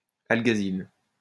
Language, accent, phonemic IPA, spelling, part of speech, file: French, France, /al.ɡwa.zil/, alguazil, noun, LL-Q150 (fra)-alguazil.wav
- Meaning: alguazil; loosely law officer, constable